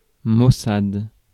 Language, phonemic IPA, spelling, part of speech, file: French, /mo.sad/, maussade, adjective, Fr-maussade.ogg
- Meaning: 1. sullen (mood) 2. dull, dreary (landscape, weather etc.)